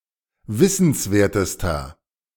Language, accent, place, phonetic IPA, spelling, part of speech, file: German, Germany, Berlin, [ˈvɪsn̩sˌveːɐ̯təstɐ], wissenswertester, adjective, De-wissenswertester.ogg
- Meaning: inflection of wissenswert: 1. strong/mixed nominative masculine singular superlative degree 2. strong genitive/dative feminine singular superlative degree 3. strong genitive plural superlative degree